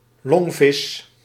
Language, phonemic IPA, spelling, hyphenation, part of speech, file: Dutch, /ˈlɔŋ.vɪs/, longvis, long‧vis, noun, Nl-longvis.ogg
- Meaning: a lungfish, fish of the class Dipnoi